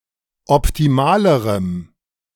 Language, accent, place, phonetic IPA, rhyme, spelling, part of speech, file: German, Germany, Berlin, [ɔptiˈmaːləʁəm], -aːləʁəm, optimalerem, adjective, De-optimalerem.ogg
- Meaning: strong dative masculine/neuter singular comparative degree of optimal